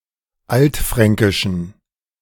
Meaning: inflection of altfränkisch: 1. strong genitive masculine/neuter singular 2. weak/mixed genitive/dative all-gender singular 3. strong/weak/mixed accusative masculine singular 4. strong dative plural
- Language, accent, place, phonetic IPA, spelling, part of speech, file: German, Germany, Berlin, [ˈaltˌfʁɛŋkɪʃn̩], altfränkischen, adjective, De-altfränkischen.ogg